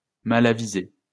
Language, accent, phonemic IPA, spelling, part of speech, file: French, France, /ma.la.vi.ze/, malavisé, adjective, LL-Q150 (fra)-malavisé.wav
- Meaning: unwise, injudicious, unadvised